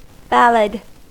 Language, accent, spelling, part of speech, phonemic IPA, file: English, US, ballad, noun / verb, /ˈbæləd/, En-us-ballad.ogg
- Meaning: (noun) 1. A kind of narrative poem, adapted for recitation or singing; especially, a sentimental or romantic poem in short stanzas 2. A slow romantic song; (verb) To make mention of in ballads